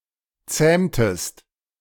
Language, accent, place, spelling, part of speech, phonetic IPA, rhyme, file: German, Germany, Berlin, zähmtest, verb, [ˈt͡sɛːmtəst], -ɛːmtəst, De-zähmtest.ogg
- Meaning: inflection of zähmen: 1. second-person singular preterite 2. second-person singular subjunctive II